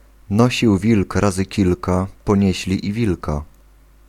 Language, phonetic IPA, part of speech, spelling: Polish, [ˈnɔɕiw ˈvʲilk ˈrazɨ ˈcilka pɔ̃ˈɲɛ̇ɕlʲi ː‿ˈvʲilka], proverb, nosił wilk razy kilka, ponieśli i wilka